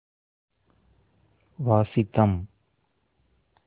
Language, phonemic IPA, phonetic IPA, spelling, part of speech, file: Tamil, /ʋɑːtʃɪd̪ɐm/, [ʋäːsɪd̪ɐm], வாசிதம், noun, Ta-வாசிதம்.oga
- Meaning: cry of birds, beasts, etc